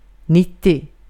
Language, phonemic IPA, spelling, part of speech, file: Swedish, /²nɪtɪ(.ʊ)/, nittio, numeral, Sv-nittio.ogg
- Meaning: ninety